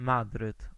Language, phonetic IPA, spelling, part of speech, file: Polish, [ˈmadrɨt], Madryt, proper noun, Pl-Madryt.ogg